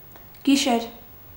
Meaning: 1. night 2. darkness 3. black amber, jet
- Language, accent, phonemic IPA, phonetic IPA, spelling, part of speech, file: Armenian, Eastern Armenian, /ɡiˈʃeɾ/, [ɡiʃéɾ], գիշեր, noun, Hy-գիշեր.ogg